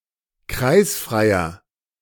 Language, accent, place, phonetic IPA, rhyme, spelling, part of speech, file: German, Germany, Berlin, [ˈkʁaɪ̯sfʁaɪ̯ɐ], -aɪ̯sfʁaɪ̯ɐ, kreisfreier, adjective, De-kreisfreier.ogg
- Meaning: inflection of kreisfrei: 1. strong/mixed nominative masculine singular 2. strong genitive/dative feminine singular 3. strong genitive plural